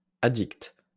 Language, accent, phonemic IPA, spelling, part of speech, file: French, France, /a.dikt/, addict, adjective / noun, LL-Q150 (fra)-addict.wav
- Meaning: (adjective) addicted; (noun) addict